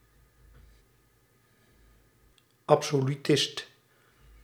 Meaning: 1. absolutist (adherent of the absolute sovereignty of rulers) 2. absolutist (one believing in metaphysical absolutes)
- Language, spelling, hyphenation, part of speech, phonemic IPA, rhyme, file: Dutch, absolutist, ab‧so‧lu‧tist, noun, /ˌɑp.soː.lyˈtɪst/, -ɪst, Nl-absolutist.ogg